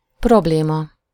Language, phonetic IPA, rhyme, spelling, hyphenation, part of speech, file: Hungarian, [ˈprobleːmɒ], -mɒ, probléma, prob‧lé‧ma, noun, Hu-probléma.ogg
- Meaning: problem, difficulty